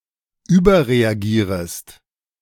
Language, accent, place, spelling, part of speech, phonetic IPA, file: German, Germany, Berlin, überreagierest, verb, [ˈyːbɐʁeaˌɡiːʁəst], De-überreagierest.ogg
- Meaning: second-person singular subjunctive I of überreagieren